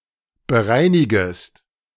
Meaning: second-person singular subjunctive I of bereinigen
- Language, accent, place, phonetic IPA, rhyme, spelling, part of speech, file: German, Germany, Berlin, [bəˈʁaɪ̯nɪɡəst], -aɪ̯nɪɡəst, bereinigest, verb, De-bereinigest.ogg